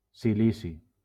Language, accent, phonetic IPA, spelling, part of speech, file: Catalan, Valencia, [siˈli.si], silici, noun, LL-Q7026 (cat)-silici.wav
- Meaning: silicon